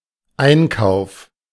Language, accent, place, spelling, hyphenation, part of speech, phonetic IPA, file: German, Germany, Berlin, Einkauf, Ein‧kauf, noun, [ˈʔaɪ̯nkaʊ̯f], De-Einkauf.ogg
- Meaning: 1. purchase (the act or process of seeking and obtaining something) 2. whole set of purchased goods